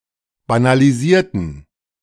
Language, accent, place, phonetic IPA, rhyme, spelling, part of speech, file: German, Germany, Berlin, [banaliˈziːɐ̯tn̩], -iːɐ̯tn̩, banalisierten, adjective / verb, De-banalisierten.ogg
- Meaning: inflection of banalisieren: 1. first/third-person plural preterite 2. first/third-person plural subjunctive II